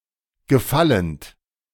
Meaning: present participle of gefallen
- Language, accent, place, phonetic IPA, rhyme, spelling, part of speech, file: German, Germany, Berlin, [ɡəˈfalənt], -alənt, gefallend, verb, De-gefallend.ogg